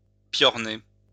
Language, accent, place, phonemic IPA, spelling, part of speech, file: French, France, Lyon, /pjɔʁ.ne/, piorner, verb, LL-Q150 (fra)-piorner.wav
- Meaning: to whine, moan